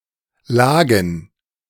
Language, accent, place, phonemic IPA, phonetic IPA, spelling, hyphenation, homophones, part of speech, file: German, Germany, Berlin, /ˈlaːɡən/, [ˈlaːɡŋ̩], lagen, la‧gen, Lagen, verb, De-lagen.ogg
- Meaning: first/third-person plural preterite of liegen